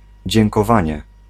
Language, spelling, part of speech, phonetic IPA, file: Polish, dziękowanie, noun, [ˌd͡ʑɛ̃ŋkɔˈvãɲɛ], Pl-dziękowanie.ogg